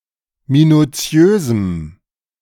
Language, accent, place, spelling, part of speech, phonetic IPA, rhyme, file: German, Germany, Berlin, minutiösem, adjective, [minuˈt͡si̯øːzm̩], -øːzm̩, De-minutiösem.ogg
- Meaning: strong dative masculine/neuter singular of minutiös